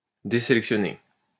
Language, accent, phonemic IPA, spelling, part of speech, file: French, France, /de.se.lɛk.sjɔ.ne/, désélectionner, verb, LL-Q150 (fra)-désélectionner.wav
- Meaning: to unselect, to deselect